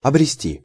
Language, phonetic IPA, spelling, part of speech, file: Russian, [ɐbrʲɪˈsʲtʲi], обрести, verb, Ru-обрести.ogg
- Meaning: to gain, to acquire, to be blessed with